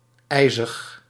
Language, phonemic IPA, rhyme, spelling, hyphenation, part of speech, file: Dutch, /ˈɛi̯.zəx/, -ɛi̯zəx, ijzig, ij‧zig, adjective, Nl-ijzig.ogg
- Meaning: icy